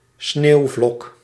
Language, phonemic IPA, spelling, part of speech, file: Dutch, /ˈsneːu̯vlɔk/, sneeuwvlok, noun, Nl-sneeuwvlok.ogg
- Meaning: snowflake